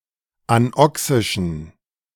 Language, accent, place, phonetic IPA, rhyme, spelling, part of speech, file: German, Germany, Berlin, [anˈɔksɪʃn̩], -ɔksɪʃn̩, anoxischen, adjective, De-anoxischen.ogg
- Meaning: inflection of anoxisch: 1. strong genitive masculine/neuter singular 2. weak/mixed genitive/dative all-gender singular 3. strong/weak/mixed accusative masculine singular 4. strong dative plural